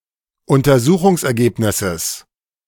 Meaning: genitive singular of Untersuchungsergebnis
- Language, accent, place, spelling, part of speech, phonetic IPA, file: German, Germany, Berlin, Untersuchungsergebnisses, noun, [ʊntɐˈzuːxʊŋsʔɛɐ̯ˌɡeːpnɪsəs], De-Untersuchungsergebnisses.ogg